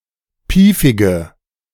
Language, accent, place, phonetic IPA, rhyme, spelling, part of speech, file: German, Germany, Berlin, [ˈpiːfɪɡə], -iːfɪɡə, piefige, adjective, De-piefige.ogg
- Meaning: inflection of piefig: 1. strong/mixed nominative/accusative feminine singular 2. strong nominative/accusative plural 3. weak nominative all-gender singular 4. weak accusative feminine/neuter singular